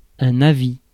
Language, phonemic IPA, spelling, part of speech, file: French, /a.vi/, avis, noun, Fr-avis.ogg
- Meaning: 1. opinion 2. piece of advice 3. notice